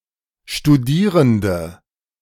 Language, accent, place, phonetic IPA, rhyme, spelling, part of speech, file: German, Germany, Berlin, [ʃtuˈdiːʁəndə], -iːʁəndə, Studierende, noun, De-Studierende.ogg
- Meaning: 1. female equivalent of Studierender: female student 2. inflection of Studierender: strong nominative/accusative plural 3. inflection of Studierender: weak nominative singular